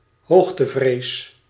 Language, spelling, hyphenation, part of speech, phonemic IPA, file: Dutch, hoogtevrees, hoog‧te‧vrees, noun, /ˈɦoːx.təˌvreːs/, Nl-hoogtevrees.ogg
- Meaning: acrophobia, fear of heights